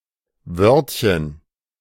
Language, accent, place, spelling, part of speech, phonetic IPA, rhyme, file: German, Germany, Berlin, Wörtchen, noun, [ˈvœʁtçən], -œʁtçən, De-Wörtchen.ogg
- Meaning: diminutive of Wort